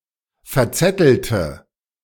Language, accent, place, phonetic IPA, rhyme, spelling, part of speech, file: German, Germany, Berlin, [fɛɐ̯ˈt͡sɛtl̩tə], -ɛtl̩tə, verzettelte, verb, De-verzettelte.ogg
- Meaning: inflection of verzetteln: 1. first/third-person singular preterite 2. first/third-person singular subjunctive II